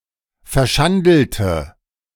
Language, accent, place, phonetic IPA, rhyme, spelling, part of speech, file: German, Germany, Berlin, [fɛɐ̯ˈʃandl̩tə], -andl̩tə, verschandelte, adjective / verb, De-verschandelte.ogg
- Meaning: inflection of verschandeln: 1. first/third-person singular preterite 2. first/third-person singular subjunctive II